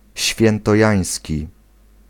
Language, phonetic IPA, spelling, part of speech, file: Polish, [ˌɕfʲjɛ̃ntɔˈjä̃j̃sʲci], świętojański, adjective, Pl-świętojański.ogg